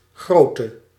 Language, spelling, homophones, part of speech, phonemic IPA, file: Dutch, grote, grootte, adjective, /ˈɣroːtə/, Nl-grote.ogg
- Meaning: inflection of groot: 1. masculine/feminine singular attributive 2. definite neuter singular attributive 3. plural attributive